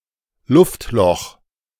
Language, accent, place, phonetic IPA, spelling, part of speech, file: German, Germany, Berlin, [ˈlʊftˌlɔx], Luftloch, noun, De-Luftloch.ogg
- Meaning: 1. air pocket 2. air hole (hole in a surface that allows air to pass)